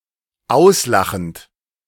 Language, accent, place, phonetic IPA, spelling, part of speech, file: German, Germany, Berlin, [ˈaʊ̯sˌlaxn̩t], auslachend, verb, De-auslachend.ogg
- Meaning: present participle of auslachen